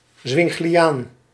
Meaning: Zwinglian
- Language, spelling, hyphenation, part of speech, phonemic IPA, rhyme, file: Dutch, zwingliaan, zwing‧li‧aan, noun, /ˌzʋɪŋ.liˈaːn/, -aːn, Nl-zwingliaan.ogg